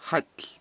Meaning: heel
- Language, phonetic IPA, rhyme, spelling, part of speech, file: Icelandic, [ˈhaitl̥], -aitl̥, hæll, noun, Is-hæll.ogg